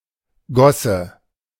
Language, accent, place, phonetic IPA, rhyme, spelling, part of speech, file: German, Germany, Berlin, [ˈɡɔsə], -ɔsə, Gosse, noun, De-Gosse.ogg
- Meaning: gutter (most often as a symbol for alcoholism, homelessness, and/or other social hardships)